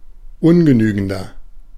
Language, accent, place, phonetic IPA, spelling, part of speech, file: German, Germany, Berlin, [ˈʊnɡəˌnyːɡn̩dɐ], ungenügender, adjective, De-ungenügender.ogg
- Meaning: 1. comparative degree of ungenügend 2. inflection of ungenügend: strong/mixed nominative masculine singular 3. inflection of ungenügend: strong genitive/dative feminine singular